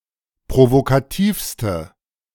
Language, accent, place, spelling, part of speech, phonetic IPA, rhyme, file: German, Germany, Berlin, provokativste, adjective, [pʁovokaˈtiːfstə], -iːfstə, De-provokativste.ogg
- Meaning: inflection of provokativ: 1. strong/mixed nominative/accusative feminine singular superlative degree 2. strong nominative/accusative plural superlative degree